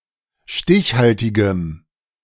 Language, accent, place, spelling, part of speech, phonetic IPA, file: German, Germany, Berlin, stichhaltigem, adjective, [ˈʃtɪçˌhaltɪɡəm], De-stichhaltigem.ogg
- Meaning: strong dative masculine/neuter singular of stichhaltig